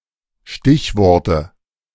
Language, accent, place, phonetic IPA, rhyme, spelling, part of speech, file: German, Germany, Berlin, [ˈʃtɪçˌvɔʁtə], -ɪçvɔʁtə, Stichworte, noun, De-Stichworte.ogg
- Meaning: nominative/accusative/genitive plural of Stichwort